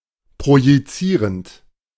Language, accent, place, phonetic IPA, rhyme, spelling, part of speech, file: German, Germany, Berlin, [pʁojiˈt͡siːʁənt], -iːʁənt, projizierend, verb, De-projizierend.ogg
- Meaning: present participle of projizieren